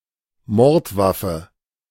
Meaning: murder weapon
- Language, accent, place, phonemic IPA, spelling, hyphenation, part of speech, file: German, Germany, Berlin, /ˈmɔʁtˌvafə/, Mordwaffe, Mord‧waf‧fe, noun, De-Mordwaffe.ogg